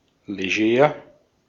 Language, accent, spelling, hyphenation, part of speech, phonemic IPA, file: German, Austria, leger, le‧ger, adjective, /leˈʒɛːʁ/, De-at-leger.ogg
- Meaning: 1. casual, informal 2. dressed down